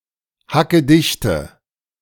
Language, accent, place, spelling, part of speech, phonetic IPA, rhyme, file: German, Germany, Berlin, hackedichte, adjective, [hakəˈdɪçtə], -ɪçtə, De-hackedichte.ogg
- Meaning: inflection of hackedicht: 1. strong/mixed nominative/accusative feminine singular 2. strong nominative/accusative plural 3. weak nominative all-gender singular